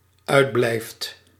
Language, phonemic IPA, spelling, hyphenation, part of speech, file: Dutch, /ˈœy̯dˌblɛi̯ft/, uitblijft, uit‧blijft, verb, Nl-uitblijft.ogg
- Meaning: second/third-person singular dependent-clause present indicative of uitblijven